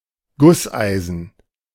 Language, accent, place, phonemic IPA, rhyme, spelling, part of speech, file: German, Germany, Berlin, /ˈɡʊsˌʔaɪ̯zn̩/, -aɪ̯zn̩, Gusseisen, noun, De-Gusseisen.ogg
- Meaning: cast iron, cast-iron